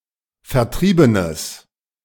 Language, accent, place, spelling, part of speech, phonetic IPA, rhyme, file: German, Germany, Berlin, vertriebenes, adjective, [fɛɐ̯ˈtʁiːbənəs], -iːbənəs, De-vertriebenes.ogg
- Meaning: strong/mixed nominative/accusative neuter singular of vertrieben